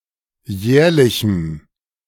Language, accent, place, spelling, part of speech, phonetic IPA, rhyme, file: German, Germany, Berlin, jährlichem, adjective, [ˈjɛːɐ̯lɪçm̩], -ɛːɐ̯lɪçm̩, De-jährlichem.ogg
- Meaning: strong dative masculine/neuter singular of jährlich